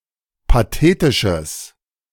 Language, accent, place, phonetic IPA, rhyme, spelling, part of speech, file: German, Germany, Berlin, [paˈteːtɪʃəs], -eːtɪʃəs, pathetisches, adjective, De-pathetisches.ogg
- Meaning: strong/mixed nominative/accusative neuter singular of pathetisch